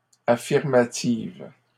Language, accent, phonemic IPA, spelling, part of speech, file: French, Canada, /a.fiʁ.ma.tiv/, affirmatives, adjective, LL-Q150 (fra)-affirmatives.wav
- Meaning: feminine plural of affirmatif